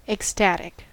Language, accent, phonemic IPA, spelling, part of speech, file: English, US, /ɛkˈstætɪk/, ecstatic, adjective / noun, En-us-ecstatic.ogg
- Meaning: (adjective) 1. Feeling or characterized by ecstasy 2. Extremely happy 3. Relating to, or caused by, ecstasy or excessive emotion